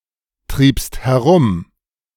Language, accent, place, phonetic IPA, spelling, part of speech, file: German, Germany, Berlin, [ˌtʁiːpst hɛˈʁʊm], triebst herum, verb, De-triebst herum.ogg
- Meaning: second-person singular preterite of herumtreiben